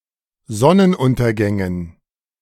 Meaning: dative plural of Sonnenuntergang
- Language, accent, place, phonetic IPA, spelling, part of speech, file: German, Germany, Berlin, [ˈzɔnənˌʔʊntɐɡɛŋən], Sonnenuntergängen, noun, De-Sonnenuntergängen.ogg